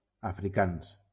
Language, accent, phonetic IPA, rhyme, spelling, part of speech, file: Catalan, Valencia, [a.fɾiˈkans], -ans, africans, adjective / noun, LL-Q7026 (cat)-africans.wav
- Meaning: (adjective) masculine plural of africà